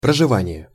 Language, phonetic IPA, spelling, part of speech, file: Russian, [prəʐɨˈvanʲɪje], проживание, noun, Ru-проживание.ogg
- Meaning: residing, inhabitation, residence